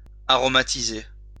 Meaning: to aromatize / aromatise
- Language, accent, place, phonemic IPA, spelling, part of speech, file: French, France, Lyon, /a.ʁɔ.ma.ti.ze/, aromatiser, verb, LL-Q150 (fra)-aromatiser.wav